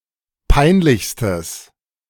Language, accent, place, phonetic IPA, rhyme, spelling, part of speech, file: German, Germany, Berlin, [ˈpaɪ̯nˌlɪçstəs], -aɪ̯nlɪçstəs, peinlichstes, adjective, De-peinlichstes.ogg
- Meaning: strong/mixed nominative/accusative neuter singular superlative degree of peinlich